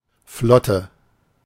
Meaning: fleet
- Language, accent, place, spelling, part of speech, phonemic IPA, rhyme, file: German, Germany, Berlin, Flotte, noun, /ˈflɔtə/, -ɔtə, De-Flotte.ogg